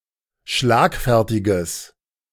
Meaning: strong/mixed nominative/accusative neuter singular of schlagfertig
- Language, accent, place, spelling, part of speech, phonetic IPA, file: German, Germany, Berlin, schlagfertiges, adjective, [ˈʃlaːkˌfɛʁtɪɡəs], De-schlagfertiges.ogg